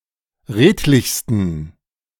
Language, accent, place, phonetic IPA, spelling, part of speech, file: German, Germany, Berlin, [ˈʁeːtlɪçstn̩], redlichsten, adjective, De-redlichsten.ogg
- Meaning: 1. superlative degree of redlich 2. inflection of redlich: strong genitive masculine/neuter singular superlative degree